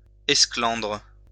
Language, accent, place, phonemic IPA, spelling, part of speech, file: French, France, Lyon, /ɛs.klɑ̃dʁ/, esclandre, noun, LL-Q150 (fra)-esclandre.wav
- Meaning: scandal; scene, fracas